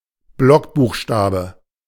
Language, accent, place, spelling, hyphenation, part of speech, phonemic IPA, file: German, Germany, Berlin, Blockbuchstabe, Block‧buch‧sta‧be, noun, /ˈblɔkˌbuːxʃtaːbə/, De-Blockbuchstabe.ogg
- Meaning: block capital, block letter